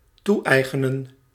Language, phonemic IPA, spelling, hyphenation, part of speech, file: Dutch, /ˈtuˌɛi̯.ɣə.nə(n)/, toe-eigenen, toe-ei‧ge‧nen, verb, Nl-toe-eigenen.ogg
- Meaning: to appropriate